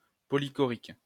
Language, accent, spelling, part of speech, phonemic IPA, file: French, France, polychorique, adjective, /pɔ.li.kɔ.ʁik/, LL-Q150 (fra)-polychorique.wav
- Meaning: polychoric